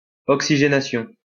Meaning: oxygenation
- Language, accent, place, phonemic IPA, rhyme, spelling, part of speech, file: French, France, Lyon, /ɔk.si.ʒe.na.sjɔ̃/, -ɔ̃, oxygénation, noun, LL-Q150 (fra)-oxygénation.wav